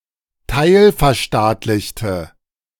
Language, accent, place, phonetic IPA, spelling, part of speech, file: German, Germany, Berlin, [ˈtaɪ̯lfɛɐ̯ˌʃtaːtlɪçtə], teilverstaatlichte, adjective, De-teilverstaatlichte.ogg
- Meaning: inflection of teilverstaatlicht: 1. strong/mixed nominative/accusative feminine singular 2. strong nominative/accusative plural 3. weak nominative all-gender singular